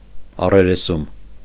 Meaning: confrontation
- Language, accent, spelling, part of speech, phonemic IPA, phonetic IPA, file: Armenian, Eastern Armenian, առերեսում, noun, /ɑreɾeˈsum/, [ɑreɾesúm], Hy-առերեսում.ogg